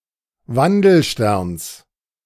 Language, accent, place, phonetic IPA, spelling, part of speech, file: German, Germany, Berlin, [ˈvandl̩ˌʃtɛʁns], Wandelsterns, noun, De-Wandelsterns.ogg
- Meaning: genitive singular of Wandelstern